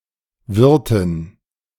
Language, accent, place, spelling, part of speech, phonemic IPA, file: German, Germany, Berlin, Wirtin, noun, /ˈvɪʁtɪn/, De-Wirtin.ogg
- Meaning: 1. female host 2. landlady 3. female innkeeper